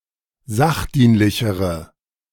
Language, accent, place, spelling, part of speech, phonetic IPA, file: German, Germany, Berlin, sachdienlichere, adjective, [ˈzaxˌdiːnlɪçəʁə], De-sachdienlichere.ogg
- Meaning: inflection of sachdienlich: 1. strong/mixed nominative/accusative feminine singular comparative degree 2. strong nominative/accusative plural comparative degree